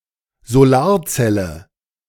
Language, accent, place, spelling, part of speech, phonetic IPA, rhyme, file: German, Germany, Berlin, Solarzelle, noun, [zoˈlaːɐ̯ˌt͡sɛlə], -aːɐ̯t͡sɛlə, De-Solarzelle.ogg
- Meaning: solar cell (semiconductor device)